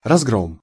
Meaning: 1. destruction, defeat, downfall, rout 2. discord, chaos, mayhem
- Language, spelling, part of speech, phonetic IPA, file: Russian, разгром, noun, [rɐzˈɡrom], Ru-разгром.ogg